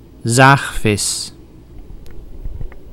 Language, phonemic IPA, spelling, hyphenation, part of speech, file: Dutch, /ˈzaːx.fɪs/, zaagvis, zaag‧vis, noun, Nl-zaagvis.ogg
- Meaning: a sawfish, ray of the family Pristidae